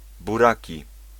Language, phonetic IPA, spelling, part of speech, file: Polish, [buˈraci], buraki, noun, Pl-buraki.ogg